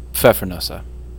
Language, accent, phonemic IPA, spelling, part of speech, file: English, US, /ˈpfɛfə(ɹ)nuːsə/, pfeffernusse, noun, En-us-pfeffernusse.ogg
- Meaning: 1. plural of pfeffernuss 2. Synonym of pfeffernuss